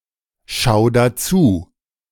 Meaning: 1. singular imperative of anschauen 2. first-person singular present of anschauen
- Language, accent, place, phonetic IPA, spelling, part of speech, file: German, Germany, Berlin, [ˌʃaʊ̯ ˈan], schau an, verb, De-schau an.ogg